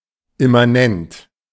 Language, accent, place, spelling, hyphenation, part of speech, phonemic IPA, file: German, Germany, Berlin, immanent, im‧ma‧nent, adjective, /ɪmaˈnɛnt/, De-immanent.ogg
- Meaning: immanent